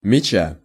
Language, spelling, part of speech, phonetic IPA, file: Russian, мяча, noun, [mʲɪˈt͡ɕa], Ru-мяча.ogg
- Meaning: genitive singular of мяч (mjač)